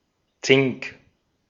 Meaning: 1. zinc 2. cornetto (a trumpet-like wind instrument used in European music of the Medieval, Renaissance, and Baroque periods)
- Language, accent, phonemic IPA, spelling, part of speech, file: German, Austria, /tsɪŋk/, Zink, noun, De-at-Zink.ogg